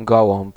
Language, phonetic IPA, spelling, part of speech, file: Polish, [ˈɡɔwɔ̃mp], gołąb, noun, Pl-gołąb.ogg